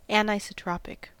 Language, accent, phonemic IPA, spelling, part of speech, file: English, US, /ˌænaɪsəˈtɹɑpɪk/, anisotropic, adjective, En-us-anisotropic.ogg
- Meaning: Having properties that differ according to the direction of measurement; exhibiting anisotropy